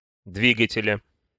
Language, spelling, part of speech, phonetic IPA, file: Russian, двигателя, noun, [ˈdvʲiɡətʲɪlʲə], Ru-двигателя.ogg
- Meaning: genitive singular of дви́гатель (dvígatelʹ)